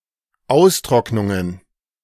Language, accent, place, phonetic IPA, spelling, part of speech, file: German, Germany, Berlin, [ˈaʊ̯sˌtʁɔknʊŋən], Austrocknungen, noun, De-Austrocknungen.ogg
- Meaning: plural of Austrocknung